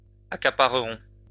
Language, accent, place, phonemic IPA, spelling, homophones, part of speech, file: French, France, Lyon, /a.ka.pa.ʁə.ʁɔ̃/, accapareront, accaparerons, verb, LL-Q150 (fra)-accapareront.wav
- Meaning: third-person plural simple future of accaparer